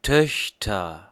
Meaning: nominative/accusative/genitive plural of Tochter
- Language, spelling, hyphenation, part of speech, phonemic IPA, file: German, Töchter, Töch‧ter, noun, /ˈtœçtɐ/, De-Töchter.ogg